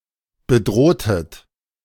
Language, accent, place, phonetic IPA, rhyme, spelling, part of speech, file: German, Germany, Berlin, [bəˈdʁoːtət], -oːtət, bedrohtet, verb, De-bedrohtet.ogg
- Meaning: inflection of bedrohen: 1. second-person plural preterite 2. second-person plural subjunctive II